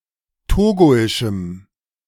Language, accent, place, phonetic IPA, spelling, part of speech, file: German, Germany, Berlin, [ˈtoːɡoɪʃm̩], togoischem, adjective, De-togoischem.ogg
- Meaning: strong dative masculine/neuter singular of togoisch